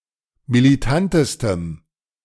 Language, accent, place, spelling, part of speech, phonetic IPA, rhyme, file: German, Germany, Berlin, militantestem, adjective, [miliˈtantəstəm], -antəstəm, De-militantestem.ogg
- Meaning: strong dative masculine/neuter singular superlative degree of militant